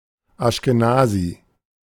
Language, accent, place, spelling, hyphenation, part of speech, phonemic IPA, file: German, Germany, Berlin, Aschkenasi, Asch‧ke‧na‧si, noun, /ˌaʃkeˈnaːzi/, De-Aschkenasi.ogg
- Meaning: Ashkenazi